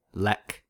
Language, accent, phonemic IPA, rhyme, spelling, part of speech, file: English, US, /lɛk/, -ɛk, lek, noun / verb, En-us-lek.ogg
- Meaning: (noun) An aggregation of male animals for the purposes of courtship and display; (verb) 1. To take part in the courtship and display behaviour of a lek 2. To play